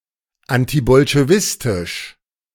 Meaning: anti-Bolshevik, antibolshevist
- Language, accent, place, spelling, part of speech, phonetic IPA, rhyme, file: German, Germany, Berlin, antibolschewistisch, adjective, [ˌantibɔlʃeˈvɪstɪʃ], -ɪstɪʃ, De-antibolschewistisch.ogg